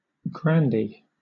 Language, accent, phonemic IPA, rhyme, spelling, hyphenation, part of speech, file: English, Southern England, /ɡɹænˈdiː/, -iː, grandee, gran‧dee, noun, LL-Q1860 (eng)-grandee.wav
- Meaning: 1. A high-ranking nobleman in Spain or Portugal 2. A person of high rank